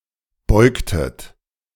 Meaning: inflection of beugen: 1. second-person plural preterite 2. second-person plural subjunctive II
- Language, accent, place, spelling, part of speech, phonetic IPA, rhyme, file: German, Germany, Berlin, beugtet, verb, [ˈbɔɪ̯ktət], -ɔɪ̯ktət, De-beugtet.ogg